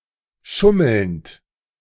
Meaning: present participle of schummeln
- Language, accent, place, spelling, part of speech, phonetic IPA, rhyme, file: German, Germany, Berlin, schummelnd, verb, [ˈʃʊml̩nt], -ʊml̩nt, De-schummelnd.ogg